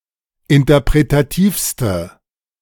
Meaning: inflection of interpretativ: 1. strong/mixed nominative/accusative feminine singular superlative degree 2. strong nominative/accusative plural superlative degree
- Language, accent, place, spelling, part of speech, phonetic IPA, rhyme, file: German, Germany, Berlin, interpretativste, adjective, [ɪntɐpʁetaˈtiːfstə], -iːfstə, De-interpretativste.ogg